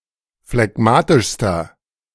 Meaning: inflection of phlegmatisch: 1. strong/mixed nominative masculine singular superlative degree 2. strong genitive/dative feminine singular superlative degree 3. strong genitive plural superlative degree
- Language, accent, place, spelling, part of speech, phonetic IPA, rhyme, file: German, Germany, Berlin, phlegmatischster, adjective, [flɛˈɡmaːtɪʃstɐ], -aːtɪʃstɐ, De-phlegmatischster.ogg